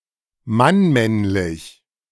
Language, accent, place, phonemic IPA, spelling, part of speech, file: German, Germany, Berlin, /manˈmɛnlɪç/, mannmännlich, adjective, De-mannmännlich.ogg
- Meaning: homosexual (male)